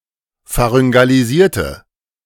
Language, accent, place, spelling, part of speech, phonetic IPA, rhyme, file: German, Germany, Berlin, pharyngalisierte, adjective / verb, [faʁʏŋɡaliˈziːɐ̯tə], -iːɐ̯tə, De-pharyngalisierte.ogg
- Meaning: inflection of pharyngalisieren: 1. first/third-person singular preterite 2. first/third-person singular subjunctive II